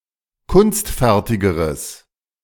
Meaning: strong/mixed nominative/accusative neuter singular comparative degree of kunstfertig
- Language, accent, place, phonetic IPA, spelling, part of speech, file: German, Germany, Berlin, [ˈkʊnstˌfɛʁtɪɡəʁəs], kunstfertigeres, adjective, De-kunstfertigeres.ogg